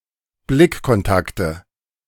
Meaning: nominative/accusative/genitive plural of Blickkontakt
- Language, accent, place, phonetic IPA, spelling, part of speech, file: German, Germany, Berlin, [ˈblɪkkɔnˌtaktə], Blickkontakte, noun, De-Blickkontakte.ogg